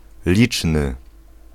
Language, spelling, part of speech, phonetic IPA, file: Polish, liczny, adjective, [ˈlʲit͡ʃnɨ], Pl-liczny.ogg